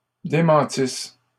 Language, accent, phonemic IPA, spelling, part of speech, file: French, Canada, /de.mɑ̃.tis/, démentisse, verb, LL-Q150 (fra)-démentisse.wav
- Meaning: first-person singular imperfect subjunctive of démentir